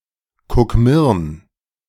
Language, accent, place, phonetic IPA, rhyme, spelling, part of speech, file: German, Germany, Berlin, [kʊkˈmɪʁn], -ɪʁn, Kukmirn, proper noun, De-Kukmirn.ogg
- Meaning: a municipality of Burgenland, Austria